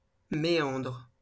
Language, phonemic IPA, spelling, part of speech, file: French, /me.ɑ̃dʁ/, méandre, noun / verb, LL-Q150 (fra)-méandre.wav
- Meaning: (noun) meander (winding, crooked or involved course); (verb) inflection of méandrer: 1. first/third-person singular present indicative/subjunctive 2. second-person singular imperative